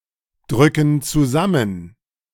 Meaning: inflection of zusammendrücken: 1. first/third-person plural present 2. first/third-person plural subjunctive I
- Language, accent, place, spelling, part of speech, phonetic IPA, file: German, Germany, Berlin, drücken zusammen, verb, [ˌdʁʏkn̩ t͡suˈzamən], De-drücken zusammen.ogg